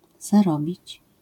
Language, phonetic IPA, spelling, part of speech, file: Polish, [zaˈrɔbʲit͡ɕ], zarobić, verb, LL-Q809 (pol)-zarobić.wav